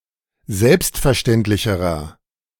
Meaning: inflection of selbstverständlich: 1. strong/mixed nominative masculine singular comparative degree 2. strong genitive/dative feminine singular comparative degree
- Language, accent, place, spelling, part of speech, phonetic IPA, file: German, Germany, Berlin, selbstverständlicherer, adjective, [ˈzɛlpstfɛɐ̯ˌʃtɛntlɪçəʁɐ], De-selbstverständlicherer.ogg